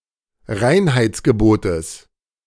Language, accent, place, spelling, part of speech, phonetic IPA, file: German, Germany, Berlin, Reinheitsgebotes, noun, [ˈʁaɪ̯nhaɪ̯t͡sɡəˌboːtəs], De-Reinheitsgebotes.ogg
- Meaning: genitive singular of Reinheitsgebot